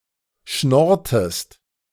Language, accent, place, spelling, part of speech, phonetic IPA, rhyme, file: German, Germany, Berlin, schnorrtest, verb, [ˈʃnɔʁtəst], -ɔʁtəst, De-schnorrtest.ogg
- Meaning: inflection of schnorren: 1. second-person singular preterite 2. second-person singular subjunctive II